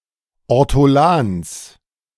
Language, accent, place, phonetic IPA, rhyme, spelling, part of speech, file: German, Germany, Berlin, [ɔʁtɔˈlaːns], -aːns, Ortolans, noun, De-Ortolans.ogg
- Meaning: genitive singular of Ortolan